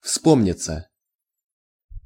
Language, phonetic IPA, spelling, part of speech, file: Russian, [ˈfspomnʲɪt͡sə], вспомниться, verb, Ru-вспомниться.ogg
- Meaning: 1. to come to mind, to be recalled 2. passive of вспо́мнить (vspómnitʹ)